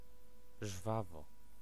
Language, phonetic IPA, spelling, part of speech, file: Polish, [ˈʒvavɔ], żwawo, adverb, Pl-żwawo.ogg